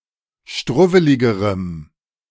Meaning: strong dative masculine/neuter singular comparative degree of struwwelig
- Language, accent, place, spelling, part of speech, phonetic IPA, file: German, Germany, Berlin, struwweligerem, adjective, [ˈʃtʁʊvəlɪɡəʁəm], De-struwweligerem.ogg